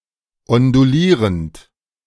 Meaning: present participle of ondulieren
- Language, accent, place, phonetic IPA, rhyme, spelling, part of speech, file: German, Germany, Berlin, [ɔnduˈliːʁənt], -iːʁənt, ondulierend, verb, De-ondulierend.ogg